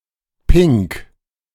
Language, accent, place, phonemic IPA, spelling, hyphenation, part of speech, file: German, Germany, Berlin, /pɪŋk/, pink, pink, adjective, De-pink.ogg
- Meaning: coloured in a strong shade of pink